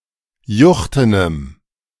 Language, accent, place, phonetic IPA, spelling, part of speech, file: German, Germany, Berlin, [ˈjʊxtənəm], juchtenem, adjective, De-juchtenem.ogg
- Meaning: strong dative masculine/neuter singular of juchten